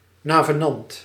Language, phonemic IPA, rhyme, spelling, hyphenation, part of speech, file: Dutch, /ˌnaː.vəˈnɑnt/, -ɑnt, navenant, na‧ve‧nant, adverb / adjective, Nl-navenant.ogg
- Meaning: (adverb) in keeping, accordingly, correspondingly; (adjective) corresponding (being in correspondence with something)